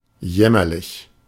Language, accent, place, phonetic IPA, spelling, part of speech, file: German, Germany, Berlin, [ˈjɛmɐlɪç], jämmerlich, adjective, De-jämmerlich.ogg
- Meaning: pitiable, miserable